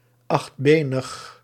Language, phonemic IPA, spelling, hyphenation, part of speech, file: Dutch, /ˌɑxtˈbeː.nəx/, achtbenig, acht‧be‧nig, adjective, Nl-achtbenig.ogg
- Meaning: eight-legged (chiefly in relation to horses, people and objects)